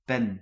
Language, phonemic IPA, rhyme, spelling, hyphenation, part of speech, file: Dutch, /pɛn/, -ɛn, pen, pen, noun, Nl-pen.ogg
- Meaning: 1. a long feather of a bird 2. pen (writing utensil) 3. pin